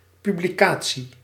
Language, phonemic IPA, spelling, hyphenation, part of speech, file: Dutch, /ˌpy.bliˈkaː.(t)si/, publicatie, pu‧bli‧ca‧tie, noun, Nl-publicatie.ogg
- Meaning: 1. publication (something that has been published) 2. publication (the act of publishing)